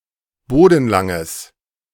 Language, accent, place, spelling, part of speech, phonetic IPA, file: German, Germany, Berlin, bodenlanges, adjective, [ˈboːdn̩ˌlaŋəs], De-bodenlanges.ogg
- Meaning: strong/mixed nominative/accusative neuter singular of bodenlang